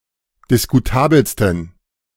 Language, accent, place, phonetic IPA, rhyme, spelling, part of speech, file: German, Germany, Berlin, [dɪskuˈtaːbl̩stn̩], -aːbl̩stn̩, diskutabelsten, adjective, De-diskutabelsten.ogg
- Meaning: 1. superlative degree of diskutabel 2. inflection of diskutabel: strong genitive masculine/neuter singular superlative degree